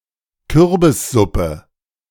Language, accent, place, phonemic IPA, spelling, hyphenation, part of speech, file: German, Germany, Berlin, /ˈkʏʁbɪsˌzʊpə/, Kürbissuppe, Kür‧bis‧sup‧pe, noun, De-Kürbissuppe.ogg
- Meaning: pumpkin soup